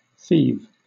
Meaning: To commit theft
- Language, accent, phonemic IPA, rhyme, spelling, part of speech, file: English, Southern England, /θiːv/, -iːv, thieve, verb, LL-Q1860 (eng)-thieve.wav